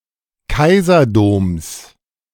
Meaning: genitive singular of Kaiserdom
- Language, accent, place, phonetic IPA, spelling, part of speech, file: German, Germany, Berlin, [ˈkaɪ̯zɐˌdoːms], Kaiserdoms, noun, De-Kaiserdoms.ogg